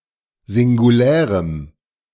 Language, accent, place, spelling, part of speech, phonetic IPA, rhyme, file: German, Germany, Berlin, singulärem, adjective, [zɪŋɡuˈlɛːʁəm], -ɛːʁəm, De-singulärem.ogg
- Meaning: strong dative masculine/neuter singular of singulär